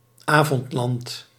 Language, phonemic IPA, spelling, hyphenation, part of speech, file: Dutch, /ˈaː.vɔntˌlɑnt/, Avondland, Avond‧land, proper noun, Nl-Avondland.ogg
- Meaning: Europe, or, more broadly, the West